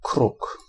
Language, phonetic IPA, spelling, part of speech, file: Polish, [kruk], kruk, noun, Pl-kruk.ogg